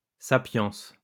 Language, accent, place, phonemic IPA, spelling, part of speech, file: French, France, Lyon, /sa.pjɑ̃s/, sapience, noun, LL-Q150 (fra)-sapience.wav
- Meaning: wisdom, sapience